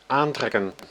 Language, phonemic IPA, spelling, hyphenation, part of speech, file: Dutch, /ˈaːnˌtrɛkə(n)/, aantrekken, aan‧trek‧ken, verb, Nl-aantrekken.ogg
- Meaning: 1. to attract, exert a pulling force (on an object) such as gravity 2. to attract, draw, allure, appeal (to someone) 3. to tighten by pulling 4. to put on (e.g. clothing)